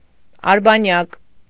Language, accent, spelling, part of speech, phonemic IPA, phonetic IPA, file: Armenian, Eastern Armenian, արբանյակ, noun, /ɑɾbɑˈnjɑk/, [ɑɾbɑnjɑ́k], Hy-արբանյակ.ogg
- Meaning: 1. satellite (object orbiting a celestial object) 2. satellite (country, state, office, building etc. under the control of another body) 3. servant 4. henchman, helper, sidekick, myrmidon